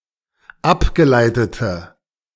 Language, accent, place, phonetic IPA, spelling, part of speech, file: German, Germany, Berlin, [ˈapɡəˌlaɪ̯tətə], abgeleitete, adjective, De-abgeleitete.ogg
- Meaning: inflection of abgeleitet: 1. strong/mixed nominative/accusative feminine singular 2. strong nominative/accusative plural 3. weak nominative all-gender singular